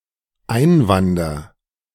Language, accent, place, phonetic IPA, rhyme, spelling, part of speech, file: German, Germany, Berlin, [ˈaɪ̯nˌvandɐ], -aɪ̯nvandɐ, einwander, verb, De-einwander.ogg
- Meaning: first-person singular dependent present of einwandern